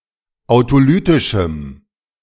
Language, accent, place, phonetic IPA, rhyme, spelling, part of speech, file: German, Germany, Berlin, [aʊ̯toˈlyːtɪʃm̩], -yːtɪʃm̩, autolytischem, adjective, De-autolytischem.ogg
- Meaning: strong dative masculine/neuter singular of autolytisch